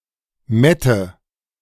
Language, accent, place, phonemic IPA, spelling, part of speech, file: German, Germany, Berlin, /ˈmɛtə/, Mette, noun, De-Mette.ogg
- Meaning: Matins